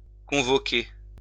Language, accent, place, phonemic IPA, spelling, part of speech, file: French, France, Lyon, /kɔ̃.vɔ.ke/, convoquer, verb, LL-Q150 (fra)-convoquer.wav
- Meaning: 1. to convene, convoke (invite together) 2. to summon, call (call up), invite 3. to summon; to summons